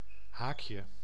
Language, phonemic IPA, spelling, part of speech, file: Dutch, /ˈhakjə/, haakje, noun, Nl-haakje.ogg
- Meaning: 1. diminutive of haak 2. parenthesis, bracket